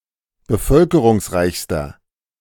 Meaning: inflection of bevölkerungsreich: 1. strong/mixed nominative masculine singular superlative degree 2. strong genitive/dative feminine singular superlative degree
- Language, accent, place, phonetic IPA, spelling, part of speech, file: German, Germany, Berlin, [bəˈfœlkəʁʊŋsˌʁaɪ̯çstɐ], bevölkerungsreichster, adjective, De-bevölkerungsreichster.ogg